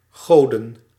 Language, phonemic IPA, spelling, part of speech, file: Dutch, /ˈɣodə(n)/, goden, noun, Nl-goden.ogg
- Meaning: plural of god